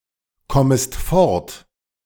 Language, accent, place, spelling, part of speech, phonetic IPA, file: German, Germany, Berlin, kommest fort, verb, [ˌkɔməst ˈfɔʁt], De-kommest fort.ogg
- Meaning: second-person singular subjunctive I of fortkommen